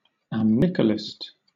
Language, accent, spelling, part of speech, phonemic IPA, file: English, Southern England, amnicolist, noun, /æmˈnɪkəlɪst/, LL-Q1860 (eng)-amnicolist.wav
- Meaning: One who dwells by a river